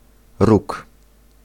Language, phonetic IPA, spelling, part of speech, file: Polish, [ruk], róg, noun, Pl-róg.ogg